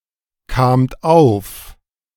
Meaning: second-person plural preterite of aufkommen
- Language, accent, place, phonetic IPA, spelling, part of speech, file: German, Germany, Berlin, [kaːmt ˈaʊ̯f], kamt auf, verb, De-kamt auf.ogg